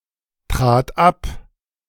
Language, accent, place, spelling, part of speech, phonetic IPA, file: German, Germany, Berlin, trat ab, verb, [ˌtʁaːt ˈap], De-trat ab.ogg
- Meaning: first/third-person singular preterite of abtreten